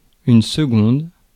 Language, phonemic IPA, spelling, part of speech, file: French, /sə.ɡɔ̃d/, seconde, adjective / noun, Fr-seconde.ogg
- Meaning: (adjective) feminine singular of second; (noun) 1. second (for indicating time) 2. second (interval between two adjacent notes in a diatonic scale)